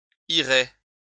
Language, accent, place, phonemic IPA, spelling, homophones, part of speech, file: French, France, Lyon, /i.ʁe/, irai, irez, verb, LL-Q150 (fra)-irai.wav
- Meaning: first-person singular future of aller